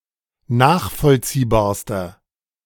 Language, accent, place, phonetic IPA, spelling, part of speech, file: German, Germany, Berlin, [ˈnaːxfɔlt͡siːbaːɐ̯stɐ], nachvollziehbarster, adjective, De-nachvollziehbarster.ogg
- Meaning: inflection of nachvollziehbar: 1. strong/mixed nominative masculine singular superlative degree 2. strong genitive/dative feminine singular superlative degree